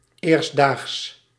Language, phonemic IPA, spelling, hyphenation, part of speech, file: Dutch, /eːrs(t)ˈdaːxs/, eerstdaags, eerst‧daags, adverb, Nl-eerstdaags.ogg
- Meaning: in a few days, soon